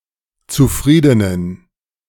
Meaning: inflection of zufrieden: 1. strong genitive masculine/neuter singular 2. weak/mixed genitive/dative all-gender singular 3. strong/weak/mixed accusative masculine singular 4. strong dative plural
- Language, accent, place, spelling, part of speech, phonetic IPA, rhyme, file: German, Germany, Berlin, zufriedenen, adjective, [t͡suˈfʁiːdənən], -iːdənən, De-zufriedenen.ogg